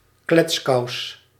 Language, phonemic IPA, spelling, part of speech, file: Dutch, /ˈklɛtsˌkɑu̯s/, kletskous, noun, Nl-kletskous.ogg
- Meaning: chatterbox